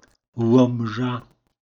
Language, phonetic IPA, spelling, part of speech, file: Polish, [ˈwɔ̃mʒa], Łomża, proper noun, Pl-Łomża.ogg